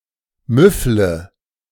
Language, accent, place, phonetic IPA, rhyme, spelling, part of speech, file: German, Germany, Berlin, [ˈmʏflə], -ʏflə, müffle, verb, De-müffle.ogg
- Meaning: inflection of müffeln: 1. first-person singular present 2. first/third-person singular subjunctive I 3. singular imperative